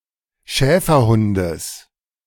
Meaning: genitive singular of Schäferhund
- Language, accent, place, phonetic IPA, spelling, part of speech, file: German, Germany, Berlin, [ˈʃɛːfɐˌhʊndəs], Schäferhundes, noun, De-Schäferhundes.ogg